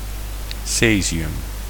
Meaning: caesium, cesium
- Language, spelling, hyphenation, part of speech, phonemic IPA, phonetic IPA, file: Dutch, cesium, ce‧si‧um, noun, /ˈseː.zi.ʏm/, [ˈseː.zi.ʏm], Nl-cesium.ogg